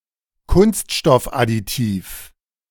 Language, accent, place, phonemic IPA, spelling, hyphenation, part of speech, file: German, Germany, Berlin, /ˈkʊnstʃtɔfʔadiˌtiːf/, Kunststoffadditiv, Kunst‧stoff‧ad‧di‧tiv, noun, De-Kunststoffadditiv.ogg
- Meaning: plastic additive